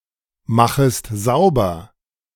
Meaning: second-person singular subjunctive I of saubermachen
- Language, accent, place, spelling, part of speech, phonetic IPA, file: German, Germany, Berlin, machest sauber, verb, [ˌmaxəst ˈzaʊ̯bɐ], De-machest sauber.ogg